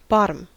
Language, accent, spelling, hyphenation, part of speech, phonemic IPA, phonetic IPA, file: English, US, bottom, bot‧tom, noun / verb / adjective, /ˈbɑ.təm/, [ˈbɑ.ɾəm], En-us-bottom.ogg
- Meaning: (noun) 1. The lowest part of anything 2. The lowest part of anything.: The lowest or last position in a rank 3. The lowest part of anything.: A garment worn to cover the body below the torso